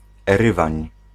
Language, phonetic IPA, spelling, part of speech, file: Polish, [ɛˈrɨvãɲ], Erywań, proper noun, Pl-Erywań.ogg